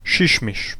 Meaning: 1. bat (small flying mammal) 2. Valencia CF player
- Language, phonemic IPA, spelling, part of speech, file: Serbo-Croatian, /ʃǐʃmiʃ/, šišmiš, noun, Hr-šišmiš.ogg